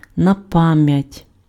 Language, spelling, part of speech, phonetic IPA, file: Ukrainian, напам'ять, adverb, [nɐˈpamjɐtʲ], Uk-напам'ять.ogg
- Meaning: by heart, by rote (from memory, with no hints)